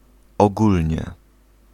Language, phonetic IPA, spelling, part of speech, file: Polish, [ɔˈɡulʲɲɛ], ogólnie, adverb, Pl-ogólnie.ogg